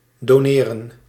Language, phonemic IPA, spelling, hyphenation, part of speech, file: Dutch, /doːˈneːrə(n)/, doneren, do‧ne‧ren, verb, Nl-doneren.ogg
- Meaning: to donate (give to charity, etc.)